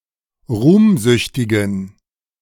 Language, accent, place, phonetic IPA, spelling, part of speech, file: German, Germany, Berlin, [ˈʁuːmˌzʏçtɪɡn̩], ruhmsüchtigen, adjective, De-ruhmsüchtigen.ogg
- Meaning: inflection of ruhmsüchtig: 1. strong genitive masculine/neuter singular 2. weak/mixed genitive/dative all-gender singular 3. strong/weak/mixed accusative masculine singular 4. strong dative plural